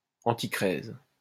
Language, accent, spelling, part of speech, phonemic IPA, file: French, France, antichrèse, noun, /ɑ̃.ti.kʁɛz/, LL-Q150 (fra)-antichrèse.wav
- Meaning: antichresis